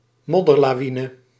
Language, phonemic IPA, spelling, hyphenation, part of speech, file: Dutch, /ˈmɔ.dər.laːˌʋi.nə/, modderlawine, mod‧der‧la‧wi‧ne, noun, Nl-modderlawine.ogg
- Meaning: mudslide